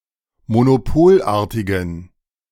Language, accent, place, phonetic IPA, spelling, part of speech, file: German, Germany, Berlin, [monoˈpoːlˌʔaːɐ̯tɪɡn̩], monopolartigen, adjective, De-monopolartigen.ogg
- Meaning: inflection of monopolartig: 1. strong genitive masculine/neuter singular 2. weak/mixed genitive/dative all-gender singular 3. strong/weak/mixed accusative masculine singular 4. strong dative plural